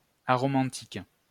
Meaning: aromantic
- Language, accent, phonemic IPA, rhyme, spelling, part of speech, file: French, France, /a.ʁɔ.mɑ̃.tik/, -ɑ̃tik, aromantique, adjective, LL-Q150 (fra)-aromantique.wav